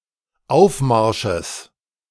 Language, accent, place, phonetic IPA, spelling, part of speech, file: German, Germany, Berlin, [ˈaʊ̯fˌmaʁʃəs], Aufmarsches, noun, De-Aufmarsches.ogg
- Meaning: genitive singular of Aufmarsch